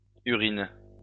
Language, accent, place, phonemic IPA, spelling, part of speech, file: French, France, Lyon, /y.ʁin/, urines, noun / verb, LL-Q150 (fra)-urines.wav
- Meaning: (noun) plural of urine; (verb) second-person singular present indicative/subjunctive of uriner